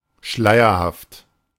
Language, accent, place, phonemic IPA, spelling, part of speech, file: German, Germany, Berlin, /ˈʃlaɪ̯ɐhaft/, schleierhaft, adjective, De-schleierhaft.ogg
- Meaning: cryptic, enigmatic